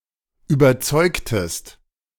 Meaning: inflection of überzeugen: 1. second-person singular preterite 2. second-person singular subjunctive II
- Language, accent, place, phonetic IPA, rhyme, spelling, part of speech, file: German, Germany, Berlin, [yːbɐˈt͡sɔɪ̯ktəst], -ɔɪ̯ktəst, überzeugtest, verb, De-überzeugtest.ogg